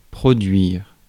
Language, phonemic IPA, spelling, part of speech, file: French, /pʁɔ.dɥiʁ/, produire, verb, Fr-produire.ogg
- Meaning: 1. to produce, to yield 2. to happen, take place (of an event) 3. to perform (of a singer, etc.)